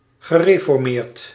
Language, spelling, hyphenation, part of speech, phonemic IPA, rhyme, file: Dutch, gereformeerd, ge‧re‧for‧meerd, adjective, /ɣəˌreː.fɔrˈmeːrt/, -eːrt, Nl-gereformeerd.ogg
- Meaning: 1. pertaining to Reformed churches, movements and their adherents that originate from separations from the Dutch Reformed Church since the 19th century 2. Reformed